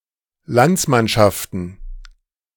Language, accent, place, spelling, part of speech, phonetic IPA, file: German, Germany, Berlin, Landsmannschaften, noun, [ˈlant͡smanʃaftn̩], De-Landsmannschaften.ogg
- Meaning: plural of Landsmannschaft